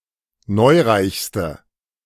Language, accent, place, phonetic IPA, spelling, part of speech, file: German, Germany, Berlin, [ˈnɔɪ̯ˌʁaɪ̯çstə], neureichste, adjective, De-neureichste.ogg
- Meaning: inflection of neureich: 1. strong/mixed nominative/accusative feminine singular superlative degree 2. strong nominative/accusative plural superlative degree